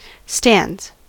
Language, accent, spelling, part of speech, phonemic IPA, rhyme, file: English, US, stands, noun / verb, /stændz/, -ændz, En-us-stands.ogg
- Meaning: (noun) plural of stand; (verb) third-person singular simple present indicative of stand